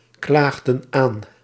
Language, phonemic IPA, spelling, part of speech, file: Dutch, /ˈklaɣdə(n) ˈan/, klaagden aan, verb, Nl-klaagden aan.ogg
- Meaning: inflection of aanklagen: 1. plural past indicative 2. plural past subjunctive